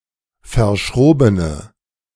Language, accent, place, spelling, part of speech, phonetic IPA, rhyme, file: German, Germany, Berlin, verschrobene, adjective, [fɐˈʃʁoːbənə], -oːbənə, De-verschrobene.ogg
- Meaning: inflection of verschroben: 1. strong/mixed nominative/accusative feminine singular 2. strong nominative/accusative plural 3. weak nominative all-gender singular